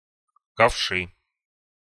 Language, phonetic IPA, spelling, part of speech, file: Russian, [kɐfˈʂɨ], ковши, noun, Ru-ковши.ogg
- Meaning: nominative/accusative plural of ковш (kovš)